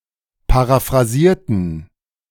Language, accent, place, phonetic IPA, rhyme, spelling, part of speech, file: German, Germany, Berlin, [paʁafʁaˈziːɐ̯tn̩], -iːɐ̯tn̩, paraphrasierten, adjective / verb, De-paraphrasierten.ogg
- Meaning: inflection of paraphrasieren: 1. first/third-person plural preterite 2. first/third-person plural subjunctive II